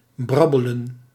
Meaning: to babble unclearly, talk nonsense
- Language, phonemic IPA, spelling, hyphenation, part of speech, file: Dutch, /ˈbrɑbələ(n)/, brabbelen, brab‧be‧len, verb, Nl-brabbelen.ogg